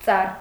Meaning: tree
- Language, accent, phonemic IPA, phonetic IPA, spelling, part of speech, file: Armenian, Eastern Armenian, /t͡sɑr/, [t͡sɑr], ծառ, noun, Hy-ծառ.ogg